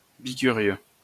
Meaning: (noun) a bi-curious person; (adjective) bi-curious
- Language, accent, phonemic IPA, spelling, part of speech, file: French, France, /bi.ky.ʁjø/, bi-curieux, noun / adjective, LL-Q150 (fra)-bi-curieux.wav